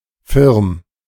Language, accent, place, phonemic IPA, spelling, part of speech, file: German, Germany, Berlin, /fɪʁm/, firm, adjective, De-firm.ogg
- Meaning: experienced, well versed